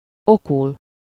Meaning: to learn something as a lesson (from something: -n/-on/-en/-ön or -ból/-ből)
- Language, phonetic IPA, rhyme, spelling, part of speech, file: Hungarian, [ˈokul], -ul, okul, verb, Hu-okul.ogg